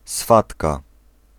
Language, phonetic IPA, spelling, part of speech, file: Polish, [ˈsfatka], swatka, noun, Pl-swatka.ogg